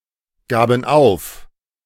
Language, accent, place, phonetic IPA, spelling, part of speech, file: German, Germany, Berlin, [ˌɡaːbn̩ ˈaʊ̯f], gaben auf, verb, De-gaben auf.ogg
- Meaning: first/third-person plural preterite of aufgeben